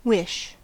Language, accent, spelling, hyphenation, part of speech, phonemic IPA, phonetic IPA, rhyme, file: English, US, wish, wish, noun / verb, /ˈwɪʃ/, [ˈwɪʃ], -ɪʃ, En-us-wish.ogg
- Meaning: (noun) 1. A desire, hope, or longing for something or for something to happen 2. An expression of such a desire, often connected with ideas of magic and supernatural power